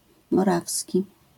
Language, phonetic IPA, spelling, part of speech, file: Polish, [mɔˈravsʲci], morawski, adjective, LL-Q809 (pol)-morawski.wav